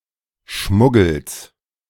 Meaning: genitive singular of Schmuggel
- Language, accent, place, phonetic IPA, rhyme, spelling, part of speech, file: German, Germany, Berlin, [ˈʃmʊɡl̩s], -ʊɡl̩s, Schmuggels, noun, De-Schmuggels.ogg